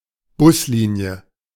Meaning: bus route, bus line
- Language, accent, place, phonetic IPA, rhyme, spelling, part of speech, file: German, Germany, Berlin, [ˈbʊsˌliːni̯ə], -ʊsliːni̯ə, Buslinie, noun, De-Buslinie.ogg